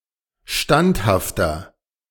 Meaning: 1. comparative degree of standhaft 2. inflection of standhaft: strong/mixed nominative masculine singular 3. inflection of standhaft: strong genitive/dative feminine singular
- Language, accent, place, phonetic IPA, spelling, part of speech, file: German, Germany, Berlin, [ˈʃtanthaftɐ], standhafter, adjective, De-standhafter.ogg